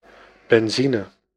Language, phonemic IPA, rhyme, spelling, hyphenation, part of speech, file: Dutch, /bɛnˈzi.nə/, -inə, benzine, ben‧zi‧ne, noun, Nl-benzine.ogg
- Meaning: petrol, gas, gasoline (fuel containing alkanes)